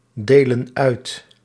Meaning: inflection of uitdelen: 1. plural present indicative 2. plural present subjunctive
- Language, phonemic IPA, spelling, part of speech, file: Dutch, /ˈdelə(n) ˈœyt/, delen uit, verb, Nl-delen uit.ogg